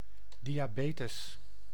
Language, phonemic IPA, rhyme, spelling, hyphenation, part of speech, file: Dutch, /ˌdi.aːˈbeː.təs/, -eːtəs, diabetes, di‧a‧be‧tes, noun, Nl-diabetes.ogg
- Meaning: diabetes